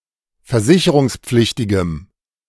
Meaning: strong dative masculine/neuter singular of versicherungspflichtig
- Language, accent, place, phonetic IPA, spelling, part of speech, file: German, Germany, Berlin, [fɛɐ̯ˈzɪçəʁʊŋsˌp͡flɪçtɪɡəm], versicherungspflichtigem, adjective, De-versicherungspflichtigem.ogg